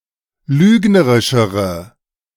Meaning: inflection of lügnerisch: 1. strong/mixed nominative/accusative feminine singular comparative degree 2. strong nominative/accusative plural comparative degree
- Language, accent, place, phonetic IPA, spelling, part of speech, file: German, Germany, Berlin, [ˈlyːɡnəʁɪʃəʁə], lügnerischere, adjective, De-lügnerischere.ogg